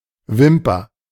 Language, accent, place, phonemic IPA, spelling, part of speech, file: German, Germany, Berlin, /ˈvɪmpɐ/, Wimper, noun, De-Wimper.ogg
- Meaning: 1. eyelash 2. cilium (lash-like appendage of single-celled organisms; e.g. for movement)